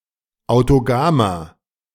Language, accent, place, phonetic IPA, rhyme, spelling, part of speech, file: German, Germany, Berlin, [aʊ̯toˈɡaːmɐ], -aːmɐ, autogamer, adjective, De-autogamer.ogg
- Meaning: inflection of autogam: 1. strong/mixed nominative masculine singular 2. strong genitive/dative feminine singular 3. strong genitive plural